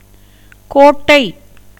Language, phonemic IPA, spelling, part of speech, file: Tamil, /koːʈːɐɪ̯/, கோட்டை, noun, Ta-கோட்டை.ogg
- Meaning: 1. fort, castle, stronghold 2. rook 3. ginger plant 4. jungle 5. a measure of capacity 6. a land measure 7. a stack of straw or hay 8. bundle, as of tamarind, plantain leaves